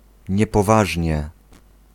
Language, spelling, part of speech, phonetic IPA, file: Polish, niepoważnie, adverb, [ˌɲɛpɔˈvaʒʲɲɛ], Pl-niepoważnie.ogg